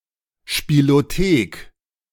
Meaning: 1. arcade 2. games library
- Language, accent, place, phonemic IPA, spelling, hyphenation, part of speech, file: German, Germany, Berlin, /ʃpiloˈteːk/, Spielothek, Spie‧lo‧thek, noun, De-Spielothek.ogg